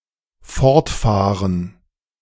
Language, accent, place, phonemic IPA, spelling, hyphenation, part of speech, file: German, Germany, Berlin, /ˈfɔʁtˌfaːʁən/, fortfahren, fort‧fah‧ren, verb, De-fortfahren.ogg
- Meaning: 1. to drive away, drive off 2. to drive away, remove by means of a vehicle 3. to continue 4. to continue, to resume